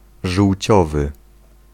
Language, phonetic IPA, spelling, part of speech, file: Polish, [ʒuwʲˈt͡ɕɔvɨ], żółciowy, adjective, Pl-żółciowy.ogg